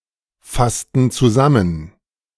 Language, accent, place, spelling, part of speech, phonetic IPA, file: German, Germany, Berlin, fassten zusammen, verb, [ˌfastn̩ t͡suˈzamən], De-fassten zusammen.ogg
- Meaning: inflection of zusammenfassen: 1. first/third-person plural preterite 2. first/third-person plural subjunctive II